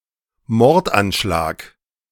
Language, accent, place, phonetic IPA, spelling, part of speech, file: German, Germany, Berlin, [ˈmɔʁtʔanˌʃlaːk], Mordanschlag, noun, De-Mordanschlag.ogg
- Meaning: assassination attempt, attempted murder